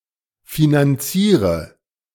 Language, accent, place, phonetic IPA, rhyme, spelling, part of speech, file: German, Germany, Berlin, [finanˈt͡siːʁə], -iːʁə, finanziere, verb, De-finanziere.ogg
- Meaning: inflection of finanzieren: 1. first-person singular present 2. singular imperative 3. first/third-person singular subjunctive I